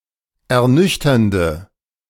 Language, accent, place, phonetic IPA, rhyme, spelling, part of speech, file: German, Germany, Berlin, [ɛɐ̯ˈnʏçtɐndə], -ʏçtɐndə, ernüchternde, adjective, De-ernüchternde.ogg
- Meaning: inflection of ernüchternd: 1. strong/mixed nominative/accusative feminine singular 2. strong nominative/accusative plural 3. weak nominative all-gender singular